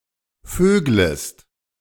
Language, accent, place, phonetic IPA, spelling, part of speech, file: German, Germany, Berlin, [ˈføːɡləst], vöglest, verb, De-vöglest.ogg
- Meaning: second-person singular subjunctive I of vögeln